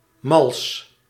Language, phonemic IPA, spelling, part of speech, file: Dutch, /mɑls/, mals, adjective, Nl-mals.ogg
- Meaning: 1. soft, tender, succulent 2. forgiving, lenient, soft